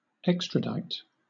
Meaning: To remove a person from one state to another by legal process
- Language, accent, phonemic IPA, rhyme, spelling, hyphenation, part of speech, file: English, Southern England, /ˈɛk.stɹəˌdaɪt/, -ɛkstɹədaɪt, extradite, ex‧tra‧dite, verb, LL-Q1860 (eng)-extradite.wav